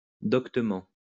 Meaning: learnedly
- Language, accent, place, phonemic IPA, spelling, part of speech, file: French, France, Lyon, /dɔk.tə.mɑ̃/, doctement, adverb, LL-Q150 (fra)-doctement.wav